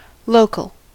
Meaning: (adjective) 1. From or in a nearby location 2. Connected directly to a particular computer, processor, etc.; able to be accessed offline
- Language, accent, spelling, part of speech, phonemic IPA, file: English, US, local, adjective / noun / adverb, /ˈloʊ.kl̩/, En-us-local.ogg